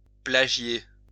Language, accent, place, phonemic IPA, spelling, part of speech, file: French, France, Lyon, /pla.ʒje/, plagier, verb, LL-Q150 (fra)-plagier.wav
- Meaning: to plagiarize